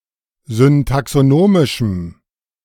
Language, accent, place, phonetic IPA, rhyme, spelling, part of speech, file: German, Germany, Berlin, [zʏntaksoˈnoːmɪʃm̩], -oːmɪʃm̩, syntaxonomischem, adjective, De-syntaxonomischem.ogg
- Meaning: strong dative masculine/neuter singular of syntaxonomisch